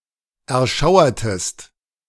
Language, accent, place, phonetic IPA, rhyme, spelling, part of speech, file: German, Germany, Berlin, [ɛɐ̯ˈʃaʊ̯ɐtəst], -aʊ̯ɐtəst, erschauertest, verb, De-erschauertest.ogg
- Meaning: inflection of erschauern: 1. second-person singular preterite 2. second-person singular subjunctive II